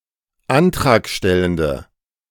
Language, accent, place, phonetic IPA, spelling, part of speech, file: German, Germany, Berlin, [ˈantʁaːkˌʃtɛləndə], antragstellende, adjective, De-antragstellende.ogg
- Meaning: inflection of antragstellend: 1. strong/mixed nominative/accusative feminine singular 2. strong nominative/accusative plural 3. weak nominative all-gender singular